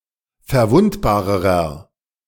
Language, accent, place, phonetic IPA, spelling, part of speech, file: German, Germany, Berlin, [fɛɐ̯ˈvʊntbaːʁəʁɐ], verwundbarerer, adjective, De-verwundbarerer.ogg
- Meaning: inflection of verwundbar: 1. strong/mixed nominative masculine singular comparative degree 2. strong genitive/dative feminine singular comparative degree 3. strong genitive plural comparative degree